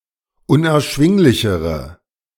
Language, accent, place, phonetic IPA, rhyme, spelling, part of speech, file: German, Germany, Berlin, [ʊnʔɛɐ̯ˈʃvɪŋlɪçəʁə], -ɪŋlɪçəʁə, unerschwinglichere, adjective, De-unerschwinglichere.ogg
- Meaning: inflection of unerschwinglich: 1. strong/mixed nominative/accusative feminine singular comparative degree 2. strong nominative/accusative plural comparative degree